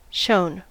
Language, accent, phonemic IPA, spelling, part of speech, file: English, US, /ʃoʊn/, shown, verb, En-us-shown.ogg
- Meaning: past participle of show